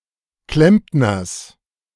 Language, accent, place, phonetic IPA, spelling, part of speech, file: German, Germany, Berlin, [ˈklɛmpnɐs], Klempners, noun, De-Klempners.ogg
- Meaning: genitive singular of Klempner